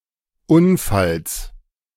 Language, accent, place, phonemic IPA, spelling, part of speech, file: German, Germany, Berlin, /ˈʔʊnfals/, Unfalls, noun, De-Unfalls.ogg
- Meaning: genitive singular of Unfall